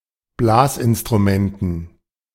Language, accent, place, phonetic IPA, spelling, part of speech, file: German, Germany, Berlin, [ˈblaːsʔɪnstʁuˌmɛntn̩], Blasinstrumenten, noun, De-Blasinstrumenten.ogg
- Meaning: dative plural of Blasinstrument